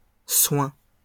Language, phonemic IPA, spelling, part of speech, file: French, /swɛ̃/, soins, noun, LL-Q150 (fra)-soins.wav
- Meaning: plural of soin